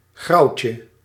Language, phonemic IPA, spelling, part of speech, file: Dutch, /ˈɣrɑucə/, grauwtje, noun, Nl-grauwtje.ogg
- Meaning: 1. donkey 2. grisaille